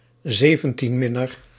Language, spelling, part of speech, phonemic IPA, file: Dutch, 17e, adjective, /ˈzevə(n)ˌtində/, Nl-17e.ogg
- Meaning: abbreviation of zeventiende (“seventeenth”); 17th